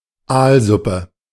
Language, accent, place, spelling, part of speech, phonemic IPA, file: German, Germany, Berlin, Aalsuppe, noun, /ˈaːlˌzʊpə/, De-Aalsuppe.ogg
- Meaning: eel soup